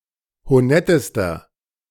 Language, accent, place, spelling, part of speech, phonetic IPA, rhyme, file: German, Germany, Berlin, honettester, adjective, [hoˈnɛtəstɐ], -ɛtəstɐ, De-honettester.ogg
- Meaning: inflection of honett: 1. strong/mixed nominative masculine singular superlative degree 2. strong genitive/dative feminine singular superlative degree 3. strong genitive plural superlative degree